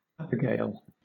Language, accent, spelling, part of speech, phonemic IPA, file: English, Southern England, abigail, noun, /ˈa.bɪ.ɡeɪl/, LL-Q1860 (eng)-abigail.wav
- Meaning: A lady's maid